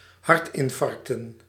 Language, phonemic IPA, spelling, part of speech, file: Dutch, /ˈhɑrtɪɱˌfɑrᵊktə(n)/, hartinfarcten, noun, Nl-hartinfarcten.ogg
- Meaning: plural of hartinfarct